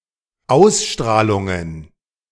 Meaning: plural of Ausstrahlung
- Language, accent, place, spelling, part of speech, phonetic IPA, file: German, Germany, Berlin, Ausstrahlungen, noun, [ˈaʊ̯sˌʃtʁaːlʊŋən], De-Ausstrahlungen.ogg